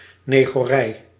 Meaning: 1. a district or community in pre-colonial Indonesia and Malaysia and in the Dutch East Indies 2. a hamlet (small village somewhere in the sticks)
- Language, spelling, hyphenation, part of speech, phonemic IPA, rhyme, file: Dutch, negorij, ne‧go‧rij, noun, /ˌneː.ɣoːˈrɛi̯/, -ɛi̯, Nl-negorij.ogg